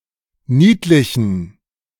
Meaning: inflection of niedlich: 1. strong genitive masculine/neuter singular 2. weak/mixed genitive/dative all-gender singular 3. strong/weak/mixed accusative masculine singular 4. strong dative plural
- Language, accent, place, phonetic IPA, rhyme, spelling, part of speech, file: German, Germany, Berlin, [ˈniːtlɪçn̩], -iːtlɪçn̩, niedlichen, adjective, De-niedlichen.ogg